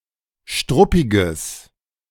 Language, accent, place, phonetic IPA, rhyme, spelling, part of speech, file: German, Germany, Berlin, [ˈʃtʁʊpɪɡəs], -ʊpɪɡəs, struppiges, adjective, De-struppiges.ogg
- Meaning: strong/mixed nominative/accusative neuter singular of struppig